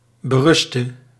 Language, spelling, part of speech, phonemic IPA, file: Dutch, beruste, verb, /bəˈrʏstə/, Nl-beruste.ogg
- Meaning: singular present subjunctive of berusten